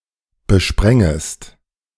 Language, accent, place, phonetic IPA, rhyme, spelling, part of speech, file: German, Germany, Berlin, [bəˈʃpʁɛŋəst], -ɛŋəst, besprengest, verb, De-besprengest.ogg
- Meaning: second-person singular subjunctive I of besprengen